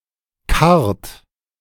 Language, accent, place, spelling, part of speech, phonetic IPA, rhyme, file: German, Germany, Berlin, karrt, verb, [kaʁt], -aʁt, De-karrt.ogg
- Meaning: inflection of karren: 1. third-person singular present 2. second-person plural present 3. plural imperative